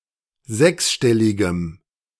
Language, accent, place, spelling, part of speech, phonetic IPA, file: German, Germany, Berlin, sechsstelligem, adjective, [ˈzɛksˌʃtɛlɪɡəm], De-sechsstelligem.ogg
- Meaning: strong dative masculine/neuter singular of sechsstellig